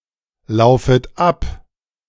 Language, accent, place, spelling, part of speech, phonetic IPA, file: German, Germany, Berlin, laufet ab, verb, [ˌlaʊ̯fət ˈap], De-laufet ab.ogg
- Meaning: second-person plural subjunctive I of ablaufen